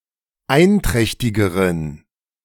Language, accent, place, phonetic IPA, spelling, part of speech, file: German, Germany, Berlin, [ˈaɪ̯nˌtʁɛçtɪɡəʁən], einträchtigeren, adjective, De-einträchtigeren.ogg
- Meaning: inflection of einträchtig: 1. strong genitive masculine/neuter singular comparative degree 2. weak/mixed genitive/dative all-gender singular comparative degree